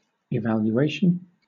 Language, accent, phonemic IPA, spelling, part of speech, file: English, Southern England, /ɪˌvæljuˈeɪʃn̩/, evaluation, noun, LL-Q1860 (eng)-evaluation.wav
- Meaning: An assessment, such as an annual personnel performance review used as the basis for a salary increase or bonus, or a summary of a particular situation